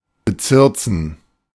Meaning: to bewitch, charm
- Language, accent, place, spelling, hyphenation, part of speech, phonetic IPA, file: German, Germany, Berlin, bezirzen, be‧zir‧zen, verb, [bəˈt͡sɪʁt͡sn̩], De-bezirzen.ogg